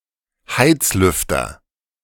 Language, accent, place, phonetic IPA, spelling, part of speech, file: German, Germany, Berlin, [ˈhaɪtsˌlʏftɐ], Heizlüfter, noun, De-Heizlüfter.ogg
- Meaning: electric fire or space heater with a fan; fan heater